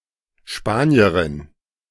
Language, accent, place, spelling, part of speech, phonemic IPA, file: German, Germany, Berlin, Spanierin, noun, /ˈʃpaːni̯ərɪn/, De-Spanierin.ogg
- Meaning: female equivalent of Spanier: female Spanish person